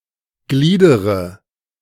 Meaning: inflection of gliedern: 1. first-person singular present 2. first/third-person singular subjunctive I 3. singular imperative
- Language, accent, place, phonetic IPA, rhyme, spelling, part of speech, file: German, Germany, Berlin, [ˈɡliːdəʁə], -iːdəʁə, gliedere, verb, De-gliedere.ogg